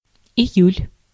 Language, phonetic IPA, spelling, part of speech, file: Russian, [ɪˈjʉlʲ], июль, noun, Ru-июль.ogg
- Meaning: July